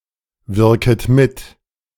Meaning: second-person plural subjunctive I of mitwirken
- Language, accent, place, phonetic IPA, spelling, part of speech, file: German, Germany, Berlin, [ˌvɪʁkət ˈmɪt], wirket mit, verb, De-wirket mit.ogg